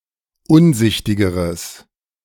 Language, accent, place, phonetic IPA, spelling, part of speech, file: German, Germany, Berlin, [ˈʊnˌzɪçtɪɡəʁəs], unsichtigeres, adjective, De-unsichtigeres.ogg
- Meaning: strong/mixed nominative/accusative neuter singular comparative degree of unsichtig